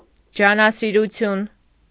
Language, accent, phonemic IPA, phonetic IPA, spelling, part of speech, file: Armenian, Eastern Armenian, /d͡ʒɑnɑsiɾuˈtʰjun/, [d͡ʒɑnɑsiɾut͡sʰjún], ջանասիրություն, noun, Hy-ջանասիրություն.ogg
- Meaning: industriousness, diligence, hard work